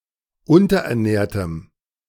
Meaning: strong dative masculine/neuter singular of unterernährt
- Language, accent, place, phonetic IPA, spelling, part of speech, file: German, Germany, Berlin, [ˈʊntɐʔɛɐ̯ˌnɛːɐ̯təm], unterernährtem, adjective, De-unterernährtem.ogg